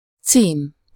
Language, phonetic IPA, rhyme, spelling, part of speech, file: Hungarian, [ˈt͡siːm], -iːm, cím, noun, Hu-cím.ogg
- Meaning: address (direction or superscription of a letter, or the name, title, and place of residence of the person addressed)